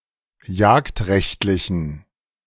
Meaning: inflection of jagdrechtlich: 1. strong genitive masculine/neuter singular 2. weak/mixed genitive/dative all-gender singular 3. strong/weak/mixed accusative masculine singular 4. strong dative plural
- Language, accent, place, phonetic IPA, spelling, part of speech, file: German, Germany, Berlin, [ˈjaːktˌʁɛçtlɪçn̩], jagdrechtlichen, adjective, De-jagdrechtlichen.ogg